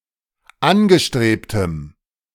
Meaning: strong dative masculine/neuter singular of angestrebt
- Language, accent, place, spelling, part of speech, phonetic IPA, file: German, Germany, Berlin, angestrebtem, adjective, [ˈanɡəˌʃtʁeːptəm], De-angestrebtem.ogg